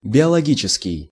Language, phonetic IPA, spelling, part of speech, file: Russian, [bʲɪəɫɐˈɡʲit͡ɕɪskʲɪj], биологический, adjective, Ru-биологический.ogg
- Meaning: biological